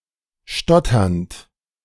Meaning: present participle of stottern
- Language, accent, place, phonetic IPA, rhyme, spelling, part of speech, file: German, Germany, Berlin, [ˈʃtɔtɐnt], -ɔtɐnt, stotternd, verb, De-stotternd.ogg